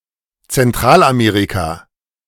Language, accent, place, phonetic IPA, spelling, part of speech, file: German, Germany, Berlin, [t͡sɛnˈtʁaːlʔaˌmeːʁika], Zentralamerika, proper noun, De-Zentralamerika.ogg
- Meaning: Central America (a continental region in North America, consisting of the countries lying between Mexico and South America)